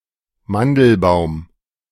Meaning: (noun) almond tree; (proper noun) a surname
- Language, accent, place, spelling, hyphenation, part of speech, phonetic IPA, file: German, Germany, Berlin, Mandelbaum, Man‧del‧baum, noun / proper noun, [ˈmandl̩ˌbaʊ̯m], De-Mandelbaum.ogg